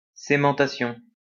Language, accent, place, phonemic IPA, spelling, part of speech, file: French, France, Lyon, /se.mɑ̃.ta.sjɔ̃/, cémentation, noun, LL-Q150 (fra)-cémentation.wav
- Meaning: carburizing, cementation